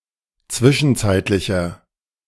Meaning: inflection of zwischenzeitlich: 1. strong/mixed nominative masculine singular 2. strong genitive/dative feminine singular 3. strong genitive plural
- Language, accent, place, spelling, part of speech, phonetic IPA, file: German, Germany, Berlin, zwischenzeitlicher, adjective, [ˈt͡svɪʃn̩ˌt͡saɪ̯tlɪçɐ], De-zwischenzeitlicher.ogg